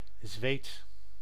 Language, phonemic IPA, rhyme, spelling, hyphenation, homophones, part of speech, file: Dutch, /zʋeːt/, -eːt, zweet, zweet, Zweed, noun / verb, Nl-zweet.ogg
- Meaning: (noun) sweat; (verb) inflection of zweten: 1. first/second/third-person singular present indicative 2. imperative